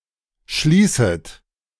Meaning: second-person plural subjunctive I of schließen
- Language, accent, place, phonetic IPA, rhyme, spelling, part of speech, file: German, Germany, Berlin, [ˈʃliːsət], -iːsət, schließet, verb, De-schließet.ogg